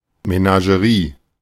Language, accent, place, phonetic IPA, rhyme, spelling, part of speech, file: German, Germany, Berlin, [menaʒəˈʁiː], -iː, Menagerie, noun, De-Menagerie.ogg
- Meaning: 1. menagerie (collection of live wild animals) 2. menagerie (a mix of various things)